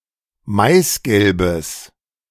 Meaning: strong/mixed nominative/accusative neuter singular of maisgelb
- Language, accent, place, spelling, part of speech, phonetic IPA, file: German, Germany, Berlin, maisgelbes, adjective, [ˈmaɪ̯sˌɡɛlbəs], De-maisgelbes.ogg